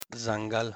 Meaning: 1. forest 2. jungle 3. the wild
- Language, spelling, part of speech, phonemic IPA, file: Pashto, ځنګل, noun, /d͡zəŋɡəl/, ځنګل-پښتو.ogg